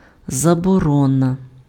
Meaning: ban, prohibition
- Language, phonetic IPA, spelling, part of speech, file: Ukrainian, [zɐbɔˈrɔnɐ], заборона, noun, Uk-заборона.ogg